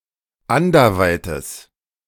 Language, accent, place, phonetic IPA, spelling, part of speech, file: German, Germany, Berlin, [ˈandɐˌvaɪ̯təs], anderweites, adjective, De-anderweites.ogg
- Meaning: strong/mixed nominative/accusative neuter singular of anderweit